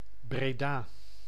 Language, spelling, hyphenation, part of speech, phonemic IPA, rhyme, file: Dutch, Breda, Bre‧da, proper noun, /breːˈdaː/, -aː, Nl-Breda.ogg
- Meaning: Breda (a city and municipality of North Brabant, Netherlands)